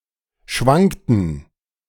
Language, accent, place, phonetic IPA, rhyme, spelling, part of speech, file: German, Germany, Berlin, [ˈʃvaŋktn̩], -aŋktn̩, schwankten, verb, De-schwankten.ogg
- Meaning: inflection of schwanken: 1. first/third-person plural preterite 2. first/third-person plural subjunctive II